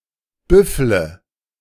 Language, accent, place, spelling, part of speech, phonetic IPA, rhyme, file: German, Germany, Berlin, büffle, verb, [ˈbʏflə], -ʏflə, De-büffle.ogg
- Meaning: inflection of büffeln: 1. first-person singular present 2. singular imperative 3. first/third-person singular subjunctive I